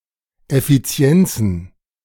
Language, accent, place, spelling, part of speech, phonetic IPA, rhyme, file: German, Germany, Berlin, Effizienzen, noun, [ɛfiˈt͡si̯ɛnt͡sn̩], -ɛnt͡sn̩, De-Effizienzen.ogg
- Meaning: plural of Effizienz